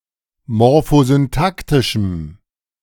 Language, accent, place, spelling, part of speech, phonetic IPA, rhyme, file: German, Germany, Berlin, morphosyntaktischem, adjective, [mɔʁfozynˈtaktɪʃm̩], -aktɪʃm̩, De-morphosyntaktischem.ogg
- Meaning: strong dative masculine/neuter singular of morphosyntaktisch